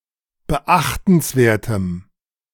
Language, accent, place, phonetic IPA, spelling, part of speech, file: German, Germany, Berlin, [bəˈʔaxtn̩sˌveːɐ̯təm], beachtenswertem, adjective, De-beachtenswertem.ogg
- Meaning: strong dative masculine/neuter singular of beachtenswert